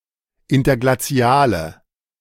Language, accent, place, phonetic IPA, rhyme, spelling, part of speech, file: German, Germany, Berlin, [ˌɪntɐɡlaˈt͡si̯aːlə], -aːlə, interglaziale, adjective, De-interglaziale.ogg
- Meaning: inflection of interglazial: 1. strong/mixed nominative/accusative feminine singular 2. strong nominative/accusative plural 3. weak nominative all-gender singular